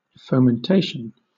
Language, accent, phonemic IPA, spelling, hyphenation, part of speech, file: English, Southern England, /fəʊmənˈteɪʃ(ə)n/, fomentation, fo‧men‧ta‧tion, noun, LL-Q1860 (eng)-fomentation.wav
- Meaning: The act of fomenting; the application of warm, soft, medicinal substances, as for the purpose of easing pain by relaxing the skin, or of discussing (dispersing) tumours